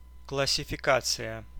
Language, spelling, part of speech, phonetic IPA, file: Russian, классификация, noun, [kɫəsʲɪfʲɪˈkat͡sɨjə], Ru-классификация.ogg
- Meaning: classification